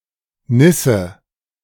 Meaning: nit (louse egg)
- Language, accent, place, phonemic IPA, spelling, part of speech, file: German, Germany, Berlin, /ˈnɪsə/, Nisse, noun, De-Nisse.ogg